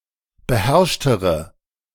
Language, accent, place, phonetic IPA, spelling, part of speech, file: German, Germany, Berlin, [bəˈhɛʁʃtəʁə], beherrschtere, adjective, De-beherrschtere.ogg
- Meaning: inflection of beherrscht: 1. strong/mixed nominative/accusative feminine singular comparative degree 2. strong nominative/accusative plural comparative degree